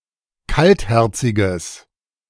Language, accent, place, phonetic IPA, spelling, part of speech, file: German, Germany, Berlin, [ˈkaltˌhɛʁt͡sɪɡəs], kaltherziges, adjective, De-kaltherziges.ogg
- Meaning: strong/mixed nominative/accusative neuter singular of kaltherzig